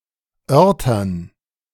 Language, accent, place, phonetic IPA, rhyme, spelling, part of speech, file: German, Germany, Berlin, [ˈœʁtɐn], -œʁtɐn, Örtern, noun, De-Örtern.ogg
- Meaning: dative plural of Ort